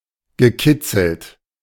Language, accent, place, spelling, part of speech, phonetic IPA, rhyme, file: German, Germany, Berlin, gekitzelt, verb, [ɡəˈkɪt͡sl̩t], -ɪt͡sl̩t, De-gekitzelt.ogg
- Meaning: past participle of kitzeln